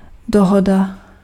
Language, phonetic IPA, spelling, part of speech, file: Czech, [ˈdoɦoda], dohoda, noun, Cs-dohoda.ogg
- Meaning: 1. agreement 2. deal (an agreement between parties), understanding (an informal contract, mutual agreement)